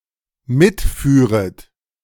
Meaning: second-person plural dependent subjunctive II of mitfahren
- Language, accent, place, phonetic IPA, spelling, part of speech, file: German, Germany, Berlin, [ˈmɪtˌfyːʁət], mitführet, verb, De-mitführet.ogg